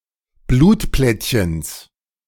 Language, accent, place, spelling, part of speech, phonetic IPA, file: German, Germany, Berlin, Blutplättchens, noun, [ˈbluːtˌplɛtçəns], De-Blutplättchens.ogg
- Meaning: genitive of Blutplättchen